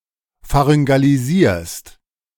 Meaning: second-person singular present of pharyngalisieren
- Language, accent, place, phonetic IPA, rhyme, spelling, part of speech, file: German, Germany, Berlin, [faʁʏŋɡaliˈziːɐ̯st], -iːɐ̯st, pharyngalisierst, verb, De-pharyngalisierst.ogg